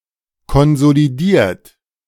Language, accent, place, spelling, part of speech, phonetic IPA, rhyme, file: German, Germany, Berlin, konsolidiert, verb, [kɔnzoliˈdiːɐ̯t], -iːɐ̯t, De-konsolidiert.ogg
- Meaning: 1. past participle of konsolidieren 2. inflection of konsolidieren: third-person singular present 3. inflection of konsolidieren: second-person plural present